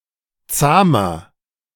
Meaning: 1. comparative degree of zahm 2. inflection of zahm: strong/mixed nominative masculine singular 3. inflection of zahm: strong genitive/dative feminine singular
- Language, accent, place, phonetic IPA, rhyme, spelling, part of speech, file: German, Germany, Berlin, [ˈt͡saːmɐ], -aːmɐ, zahmer, adjective, De-zahmer.ogg